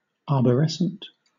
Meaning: 1. Like a tree; having a structure or appearance similar to that of a tree; branching 2. Marked by insistence on totalizing principles, binarism and dualism (as opposed to the rhizome theory)
- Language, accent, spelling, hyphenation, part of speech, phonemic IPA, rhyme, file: English, Southern England, arborescent, ar‧bor‧es‧cent, adjective, /ɑːbəˈɹɛsənt/, -ɛsənt, LL-Q1860 (eng)-arborescent.wav